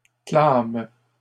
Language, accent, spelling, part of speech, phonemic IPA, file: French, Canada, clament, verb, /klam/, LL-Q150 (fra)-clament.wav
- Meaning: third-person plural present indicative/subjunctive of clamer